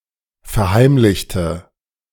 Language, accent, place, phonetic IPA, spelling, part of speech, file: German, Germany, Berlin, [fɛɐ̯ˈhaɪ̯mlɪçtə], verheimlichte, adjective / verb, De-verheimlichte.ogg
- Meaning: inflection of verheimlichen: 1. first/third-person singular preterite 2. first/third-person singular subjunctive II